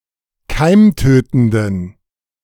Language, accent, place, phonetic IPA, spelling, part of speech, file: German, Germany, Berlin, [ˈkaɪ̯mˌtøːtn̩dən], keimtötenden, adjective, De-keimtötenden.ogg
- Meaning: inflection of keimtötend: 1. strong genitive masculine/neuter singular 2. weak/mixed genitive/dative all-gender singular 3. strong/weak/mixed accusative masculine singular 4. strong dative plural